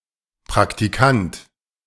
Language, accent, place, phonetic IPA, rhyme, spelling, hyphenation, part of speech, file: German, Germany, Berlin, [ˌpʁaktiˈkant], -ant, Praktikant, Prak‧ti‧kant, noun, De-Praktikant.ogg
- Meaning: trainee, intern